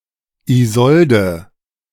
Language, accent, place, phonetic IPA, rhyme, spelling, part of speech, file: German, Germany, Berlin, [iˈzɔldə], -ɔldə, Isolde, proper noun, De-Isolde.ogg
- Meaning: a female given name, equivalent to English Iseult or French Iseult